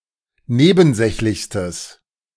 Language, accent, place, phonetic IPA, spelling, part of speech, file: German, Germany, Berlin, [ˈneːbn̩ˌzɛçlɪçstəs], nebensächlichstes, adjective, De-nebensächlichstes.ogg
- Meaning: strong/mixed nominative/accusative neuter singular superlative degree of nebensächlich